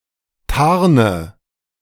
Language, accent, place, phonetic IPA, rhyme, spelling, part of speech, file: German, Germany, Berlin, [ˈtaʁnə], -aʁnə, tarne, verb, De-tarne.ogg
- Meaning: inflection of tarnen: 1. first-person singular present 2. first/third-person singular subjunctive I 3. singular imperative